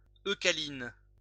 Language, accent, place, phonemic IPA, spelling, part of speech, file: French, France, Lyon, /ø.ka.lin/, eucalyne, noun, LL-Q150 (fra)-eucalyne.wav
- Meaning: eucalyn